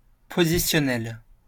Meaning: positional
- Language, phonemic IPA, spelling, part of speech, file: French, /po.zi.sjɔ.nɛl/, positionnel, adjective, LL-Q150 (fra)-positionnel.wav